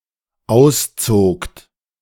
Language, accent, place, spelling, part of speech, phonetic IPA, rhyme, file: German, Germany, Berlin, auszogt, verb, [ˈaʊ̯sˌt͡soːkt], -aʊ̯st͡soːkt, De-auszogt.ogg
- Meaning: second-person plural dependent preterite of ausziehen